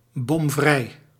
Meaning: bombproof
- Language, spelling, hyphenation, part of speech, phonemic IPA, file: Dutch, bomvrij, bom‧vrij, adjective, /bɔmˈvrɛi̯/, Nl-bomvrij.ogg